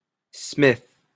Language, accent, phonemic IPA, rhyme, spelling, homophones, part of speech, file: English, Canada, /smɪθ/, -ɪθ, Smith, smith, proper noun, En-ca-Smith.opus
- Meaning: 1. An English surname originating as an occupation (the most common in Britain, the United States, Canada, Australia, and New Zealand) 2. A male given name transferred from the surname